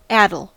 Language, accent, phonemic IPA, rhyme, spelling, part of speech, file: English, US, /ˈæ.dəl/, -ædəl, addle, adjective / noun / verb, En-us-addle.ogg
- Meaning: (adjective) 1. Having lost the power of development, and become rotten; putrid 2. Unfruitful or confused; muddled; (noun) Liquid filth; mire; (verb) To make or become addled; to muddle or confuse